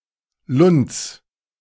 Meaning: genitive of Lund
- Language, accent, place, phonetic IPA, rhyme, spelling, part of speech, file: German, Germany, Berlin, [lʊnt͡s], -ʊnt͡s, Lunds, noun, De-Lunds.ogg